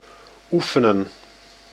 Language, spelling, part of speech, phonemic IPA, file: Dutch, oefenen, verb, /ˈufənə(n)/, Nl-oefenen.ogg
- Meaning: to practice, train